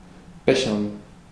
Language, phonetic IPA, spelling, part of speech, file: German, [ˈbɛçɐn], bechern, verb, De-bechern.ogg
- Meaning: to booze, to tipple